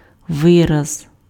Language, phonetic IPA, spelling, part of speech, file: Ukrainian, [ˈʋɪrɐz], вираз, noun, Uk-вираз.ogg
- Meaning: expression (colloquialism or idiom)